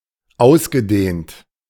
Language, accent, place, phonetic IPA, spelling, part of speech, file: German, Germany, Berlin, [ˈaʊ̯sɡəˌdeːnt], ausgedehnt, adjective / verb, De-ausgedehnt.ogg
- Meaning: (verb) past participle of ausdehnen; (adjective) 1. extended, prolonged 2. widespread